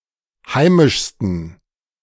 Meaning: 1. superlative degree of heimisch 2. inflection of heimisch: strong genitive masculine/neuter singular superlative degree
- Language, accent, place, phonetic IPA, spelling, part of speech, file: German, Germany, Berlin, [ˈhaɪ̯mɪʃstn̩], heimischsten, adjective, De-heimischsten.ogg